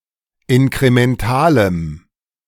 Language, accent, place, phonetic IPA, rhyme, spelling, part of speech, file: German, Germany, Berlin, [ɪnkʁemɛnˈtaːləm], -aːləm, inkrementalem, adjective, De-inkrementalem.ogg
- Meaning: strong dative masculine/neuter singular of inkremental